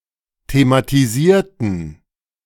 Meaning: inflection of thematisieren: 1. first/third-person plural preterite 2. first/third-person plural subjunctive II
- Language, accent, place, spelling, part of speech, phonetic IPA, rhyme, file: German, Germany, Berlin, thematisierten, adjective / verb, [tematiˈziːɐ̯tn̩], -iːɐ̯tn̩, De-thematisierten.ogg